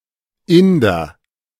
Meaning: 1. Indian (person from India) 2. Indian restaurant
- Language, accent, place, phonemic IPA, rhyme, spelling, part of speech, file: German, Germany, Berlin, /ˈɪndɐ/, -ɪndɐ, Inder, noun, De-Inder.ogg